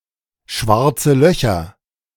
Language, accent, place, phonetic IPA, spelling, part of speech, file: German, Germany, Berlin, [ˌʃvaʁt͡sə ˈlœçɐ], schwarze Löcher, noun, De-schwarze Löcher.ogg
- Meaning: plural of schwarzes Loch